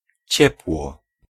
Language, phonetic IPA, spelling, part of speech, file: Polish, [ˈt͡ɕɛpwɔ], ciepło, noun / adverb, Pl-ciepło.ogg